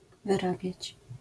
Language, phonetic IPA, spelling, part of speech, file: Polish, [vɨˈrabʲjät͡ɕ], wyrabiać, verb, LL-Q809 (pol)-wyrabiać.wav